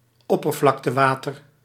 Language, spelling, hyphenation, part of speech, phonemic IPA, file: Dutch, oppervlaktewater, op‧per‧vlak‧te‧wa‧ter, noun, /ˈɔ.pər.vlɑk.təˌʋaː.tər/, Nl-oppervlaktewater.ogg
- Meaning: surface water